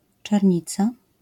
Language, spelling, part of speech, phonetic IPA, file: Polish, czernica, noun, [t͡ʃɛrʲˈɲit͡sa], LL-Q809 (pol)-czernica.wav